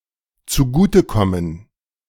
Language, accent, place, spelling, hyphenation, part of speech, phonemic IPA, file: German, Germany, Berlin, zugutekommen, zu‧gu‧te‧kom‧men, verb, /t͡suˈɡuːtəˌkɔmən/, De-zugutekommen.ogg
- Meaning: to benefit